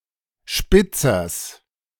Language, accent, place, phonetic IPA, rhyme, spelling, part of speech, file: German, Germany, Berlin, [ˈʃpɪt͡sɐs], -ɪt͡sɐs, Spitzers, noun, De-Spitzers.ogg
- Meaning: genitive singular of Spitzer